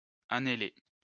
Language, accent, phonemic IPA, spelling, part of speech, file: French, France, /a.ne.le/, anhéler, verb, LL-Q150 (fra)-anhéler.wav
- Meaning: to pant, gasp (breathe with difficulty)